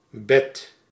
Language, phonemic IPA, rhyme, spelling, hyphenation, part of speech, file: Dutch, /bɛt/, -ɛt, bed, bed, noun, Nl-bed.ogg
- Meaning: 1. bed (furniture for sleeping) 2. patch, bed 3. layer, often a substratum 4. bed of a body of water